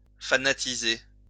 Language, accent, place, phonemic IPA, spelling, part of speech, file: French, France, Lyon, /fa.na.ti.ze/, fanatiser, verb, LL-Q150 (fra)-fanatiser.wav
- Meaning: to fanaticize